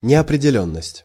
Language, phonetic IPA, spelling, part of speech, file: Russian, [nʲɪəprʲɪdʲɪˈlʲɵnːəsʲtʲ], неопределённость, noun, Ru-неопределённость.ogg
- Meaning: 1. abeyance 2. uncertainty, incertitude, doubtfulness, ambiguity, indeterminacy, indetermination, vagueness 3. suspense